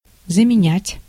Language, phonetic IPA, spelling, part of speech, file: Russian, [zəmʲɪˈnʲætʲ], заменять, verb, Ru-заменять.ogg
- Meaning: 1. to replace, to substitute 2. to commute